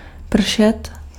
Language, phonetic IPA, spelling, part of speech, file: Czech, [ˈpr̩ʃɛt], pršet, verb, Cs-pršet.ogg
- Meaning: to rain